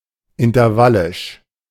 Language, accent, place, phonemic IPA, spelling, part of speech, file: German, Germany, Berlin, /ɪntɐˈvalɪʃ/, intervallisch, adjective, De-intervallisch.ogg
- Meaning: intervallic